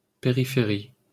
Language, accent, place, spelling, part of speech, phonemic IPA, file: French, France, Paris, périphérie, noun, /pe.ʁi.fe.ʁi/, LL-Q150 (fra)-périphérie.wav
- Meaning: 1. perimeter 2. outskirts (of a town or city)